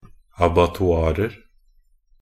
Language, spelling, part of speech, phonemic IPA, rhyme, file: Norwegian Bokmål, abattoirer, noun, /abatɔˈɑːrər/, -ər, Nb-abattoirer.ogg
- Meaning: indefinite plural of abattoir